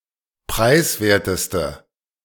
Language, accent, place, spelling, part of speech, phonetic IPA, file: German, Germany, Berlin, preiswerteste, adjective, [ˈpʁaɪ̯sˌveːɐ̯təstə], De-preiswerteste.ogg
- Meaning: inflection of preiswert: 1. strong/mixed nominative/accusative feminine singular superlative degree 2. strong nominative/accusative plural superlative degree